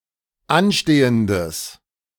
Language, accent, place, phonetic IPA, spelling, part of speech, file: German, Germany, Berlin, [ˈanˌʃteːəndəs], anstehendes, adjective, De-anstehendes.ogg
- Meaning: strong/mixed nominative/accusative neuter singular of anstehend